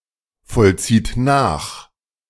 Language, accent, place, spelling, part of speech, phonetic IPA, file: German, Germany, Berlin, vollzieht nach, verb, [fɔlˌt͡siːt ˈnaːx], De-vollzieht nach.ogg
- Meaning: inflection of nachvollziehen: 1. third-person singular present 2. second-person plural present 3. plural imperative